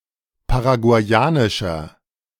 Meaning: inflection of paraguayanisch: 1. strong/mixed nominative masculine singular 2. strong genitive/dative feminine singular 3. strong genitive plural
- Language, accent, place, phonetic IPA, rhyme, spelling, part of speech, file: German, Germany, Berlin, [paʁaɡu̯aɪ̯ˈaːnɪʃɐ], -aːnɪʃɐ, paraguayanischer, adjective, De-paraguayanischer.ogg